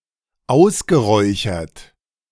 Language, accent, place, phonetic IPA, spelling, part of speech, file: German, Germany, Berlin, [ˈaʊ̯sɡəˌʁɔɪ̯çɐt], ausgeräuchert, verb, De-ausgeräuchert.ogg
- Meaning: past participle of ausräuchern